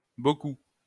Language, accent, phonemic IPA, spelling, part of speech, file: French, France, /bo.ku/, bcp, adverb, LL-Q150 (fra)-bcp.wav
- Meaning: abbreviation of beaucoup